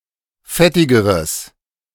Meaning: strong/mixed nominative/accusative neuter singular comparative degree of fettig
- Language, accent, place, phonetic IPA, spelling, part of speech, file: German, Germany, Berlin, [ˈfɛtɪɡəʁəs], fettigeres, adjective, De-fettigeres.ogg